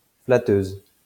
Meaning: feminine singular of flatteur
- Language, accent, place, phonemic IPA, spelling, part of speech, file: French, France, Lyon, /fla.tøz/, flatteuse, adjective, LL-Q150 (fra)-flatteuse.wav